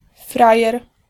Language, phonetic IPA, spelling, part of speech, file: Polish, [ˈfrajɛr], frajer, noun, Pl-frajer.ogg